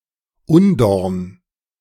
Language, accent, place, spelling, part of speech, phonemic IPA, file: German, Germany, Berlin, Undorn, noun, /ˈʌndɔʀn/, De-Undorn.ogg
- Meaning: thorn (especially one worse than a typical thorn)